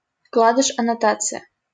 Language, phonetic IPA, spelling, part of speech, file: Russian, [ɐnɐˈtat͡sɨjə], аннотация, noun, LL-Q7737 (rus)-аннотация.wav
- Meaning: annotation (comment added to a text)